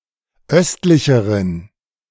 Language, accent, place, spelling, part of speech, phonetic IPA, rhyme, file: German, Germany, Berlin, östlicheren, adjective, [ˈœstlɪçəʁən], -œstlɪçəʁən, De-östlicheren.ogg
- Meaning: inflection of östlich: 1. strong genitive masculine/neuter singular comparative degree 2. weak/mixed genitive/dative all-gender singular comparative degree